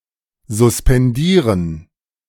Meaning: to suspend
- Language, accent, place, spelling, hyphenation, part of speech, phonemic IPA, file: German, Germany, Berlin, suspendieren, sus‧pen‧die‧ren, verb, /zʊspɛnˈdiːʁən/, De-suspendieren.ogg